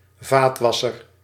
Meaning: dishwasher (machine)
- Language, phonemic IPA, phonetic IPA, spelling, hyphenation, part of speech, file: Dutch, /ˈvaːtˌʋɑ.sər/, [ˈvaːt.ʋɑ.sər], vaatwasser, vaat‧was‧ser, noun, Nl-vaatwasser.ogg